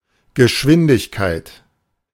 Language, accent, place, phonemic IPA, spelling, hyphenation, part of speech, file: German, Germany, Berlin, /ɡəˈʃvɪndɪçkaɪ̯t/, Geschwindigkeit, Ge‧schwin‧dig‧keit, noun, De-Geschwindigkeit.ogg
- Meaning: speed, pace, tempo, velocity, rate